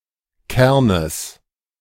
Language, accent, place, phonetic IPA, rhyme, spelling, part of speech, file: German, Germany, Berlin, [ˈkɛʁnəs], -ɛʁnəs, Kernes, noun, De-Kernes.ogg
- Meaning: genitive singular of Kern